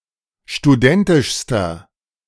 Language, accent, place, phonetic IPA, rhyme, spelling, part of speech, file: German, Germany, Berlin, [ʃtuˈdɛntɪʃstɐ], -ɛntɪʃstɐ, studentischster, adjective, De-studentischster.ogg
- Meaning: inflection of studentisch: 1. strong/mixed nominative masculine singular superlative degree 2. strong genitive/dative feminine singular superlative degree 3. strong genitive plural superlative degree